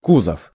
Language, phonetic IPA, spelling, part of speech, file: Russian, [ˈkuzəf], кузов, noun, Ru-кузов.ogg
- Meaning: 1. basket 2. body (largest or most important part of anything (e.g. car bodywork))